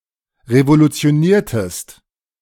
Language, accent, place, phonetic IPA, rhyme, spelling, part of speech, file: German, Germany, Berlin, [ʁevolut͡si̯oˈniːɐ̯təst], -iːɐ̯təst, revolutioniertest, verb, De-revolutioniertest.ogg
- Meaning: inflection of revolutionieren: 1. second-person singular preterite 2. second-person singular subjunctive II